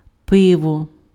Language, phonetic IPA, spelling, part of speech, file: Ukrainian, [ˈpɪwɔ], пиво, noun, Uk-пиво.ogg
- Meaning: beer